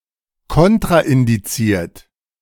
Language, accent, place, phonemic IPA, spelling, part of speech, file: German, Germany, Berlin, /ˈkɔntʁaʔɪndiˌt͡siːɐ̯t/, kontraindiziert, adjective, De-kontraindiziert.ogg
- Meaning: 1. contraindicatory 2. contraindicated